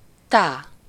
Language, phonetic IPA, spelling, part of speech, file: Hungarian, [ˈtaː], tá, noun, Hu-tá.ogg
- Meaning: 1. a syllable used in solfège to represent the quarter note as a rhythm, usually accompanied by clapping 2. dash (the longer of the two symbols of Morse code)